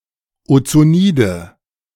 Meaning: nominative/accusative/genitive plural of Ozonid
- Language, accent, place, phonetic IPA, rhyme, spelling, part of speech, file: German, Germany, Berlin, [ot͡soˈniːdə], -iːdə, Ozonide, noun, De-Ozonide.ogg